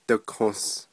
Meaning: 1. cough 2. common cold (by extension)
- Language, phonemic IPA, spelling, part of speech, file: Navajo, /tɪ̀kʰòs/, dikos, noun, Nv-dikos.ogg